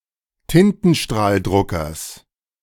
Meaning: genitive singular of Tintenstrahldrucker
- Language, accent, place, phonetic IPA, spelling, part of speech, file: German, Germany, Berlin, [ˈtɪntn̩ʃtʁaːlˌdʁʊkɐs], Tintenstrahldruckers, noun, De-Tintenstrahldruckers.ogg